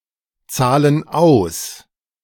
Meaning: inflection of auszahlen: 1. first/third-person plural present 2. first/third-person plural subjunctive I
- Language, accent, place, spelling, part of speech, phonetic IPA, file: German, Germany, Berlin, zahlen aus, verb, [ˌt͡saːlən ˈaʊ̯s], De-zahlen aus.ogg